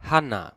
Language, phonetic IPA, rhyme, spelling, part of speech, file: German, [ˈhana], -ana, Hannah, proper noun, De-Hannah.ogg
- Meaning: a female given name from Biblical Hebrew, variant of Hanna